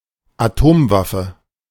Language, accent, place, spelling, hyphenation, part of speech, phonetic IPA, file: German, Germany, Berlin, Atomwaffe, Atom‧waf‧fe, noun, [aˈtoːmˌvafə], De-Atomwaffe.ogg
- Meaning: nuclear weapon